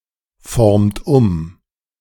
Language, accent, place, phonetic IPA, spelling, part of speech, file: German, Germany, Berlin, [ˌfɔʁmt ˈʊm], formt um, verb, De-formt um.ogg
- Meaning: inflection of umformen: 1. second-person plural present 2. third-person singular present 3. plural imperative